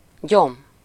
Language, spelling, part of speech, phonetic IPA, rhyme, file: Hungarian, gyom, noun, [ˈɟom], -om, Hu-gyom.ogg
- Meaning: weed (unwanted plant)